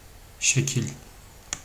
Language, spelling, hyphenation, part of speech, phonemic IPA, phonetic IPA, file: Turkish, şekil, şe‧kil, noun, /ʃeˈcil/, [ʃe̞ˈcʰɪl̠], Tr tr şekil.ogg
- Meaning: 1. shape 2. way, manner 3. figure (drawing or diagram conveying information)